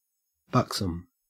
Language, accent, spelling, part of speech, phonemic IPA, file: English, Australia, buxom, adjective, /ˈbʌksəm/, En-au-buxom.ogg
- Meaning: 1. Having a full, voluptuous figure, especially possessing large breasts 2. Full of health, vigour, and good temper 3. Physically flexible or unresisting